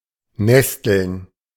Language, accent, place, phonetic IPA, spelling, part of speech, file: German, Germany, Berlin, [ˈnɛstl̩n], nesteln, verb, De-nesteln.ogg
- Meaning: to fumble, fiddle